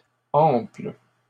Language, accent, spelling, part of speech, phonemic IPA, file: French, Canada, amples, adjective, /ɑ̃pl/, LL-Q150 (fra)-amples.wav
- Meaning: plural of ample